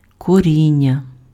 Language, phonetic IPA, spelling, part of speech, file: Ukrainian, [koˈrʲinʲːɐ], коріння, noun, Uk-коріння.ogg
- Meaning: roots (of plants, hair; origins)